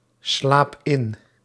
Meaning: inflection of inslapen: 1. first-person singular present indicative 2. second-person singular present indicative 3. imperative
- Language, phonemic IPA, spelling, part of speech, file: Dutch, /ˈslap ˈɪn/, slaap in, verb, Nl-slaap in.ogg